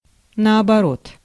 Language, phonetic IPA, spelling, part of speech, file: Russian, [nɐɐbɐˈrot], наоборот, adverb, Ru-наоборот.ogg
- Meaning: 1. inside out, back to front 2. vice versa, the other way round, conversely 3. on the contrary, to the contrary